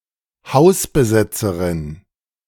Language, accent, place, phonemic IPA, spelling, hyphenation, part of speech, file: German, Germany, Berlin, /ˈhaʊ̯sbəˌzɛt͡səʁɪn/, Hausbesetzerin, Haus‧be‧set‧ze‧rin, noun, De-Hausbesetzerin.ogg
- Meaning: squatter (female)